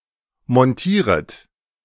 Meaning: second-person plural subjunctive I of montieren
- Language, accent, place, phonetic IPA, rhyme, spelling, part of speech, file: German, Germany, Berlin, [mɔnˈtiːʁət], -iːʁət, montieret, verb, De-montieret.ogg